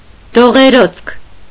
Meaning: 1. fever 2. malaria
- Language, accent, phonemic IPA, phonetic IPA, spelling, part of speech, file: Armenian, Eastern Armenian, /doʁeˈɾot͡sʰkʰ/, [doʁeɾót͡sʰkʰ], դողէրոցք, noun, Hy-դողէրոցք.ogg